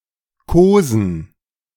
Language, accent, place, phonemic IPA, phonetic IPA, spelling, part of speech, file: German, Germany, Berlin, /ˈkoːzən/, [ˈkʰoːzn̩], kosen, verb, De-kosen.ogg
- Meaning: 1. to cuddle 2. to caress